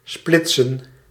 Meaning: split (divide along a more or less straight line)
- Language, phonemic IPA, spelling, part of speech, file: Dutch, /ˈsplɪt.sə(n)/, splitsen, verb, Nl-splitsen.ogg